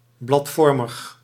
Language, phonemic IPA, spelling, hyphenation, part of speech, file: Dutch, /ˌblɑtˈfɔr.məx/, bladvormig, blad‧vor‧mig, adjective, Nl-bladvormig.ogg
- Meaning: leaflike